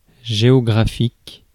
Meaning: geographic, geographical
- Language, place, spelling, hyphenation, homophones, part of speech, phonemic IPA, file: French, Paris, géographique, gé‧o‧gra‧phique, géographiques, adjective, /ʒe.ɔ.ɡʁa.fik/, Fr-géographique.ogg